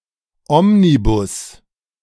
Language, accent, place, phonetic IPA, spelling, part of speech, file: German, Germany, Berlin, [ˈɔmniˌbʊs], Omnibus, noun, De-Omnibus.ogg
- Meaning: omnibus